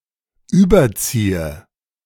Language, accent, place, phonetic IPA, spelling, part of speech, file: German, Germany, Berlin, [ˈyːbɐˌt͡siːə], überziehe, verb, De-überziehe.ogg
- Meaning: inflection of überziehen: 1. first-person singular present 2. first/third-person singular subjunctive I 3. singular imperative